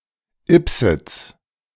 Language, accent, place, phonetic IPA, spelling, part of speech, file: German, Germany, Berlin, [ˈɪpzɪt͡s], Ybbsitz, proper noun, De-Ybbsitz.ogg
- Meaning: a municipality of Lower Austria, Austria